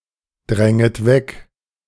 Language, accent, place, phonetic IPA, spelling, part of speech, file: German, Germany, Berlin, [ˌdʁɛŋət ˈvɛk], dränget weg, verb, De-dränget weg.ogg
- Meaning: second-person plural subjunctive I of wegdrängen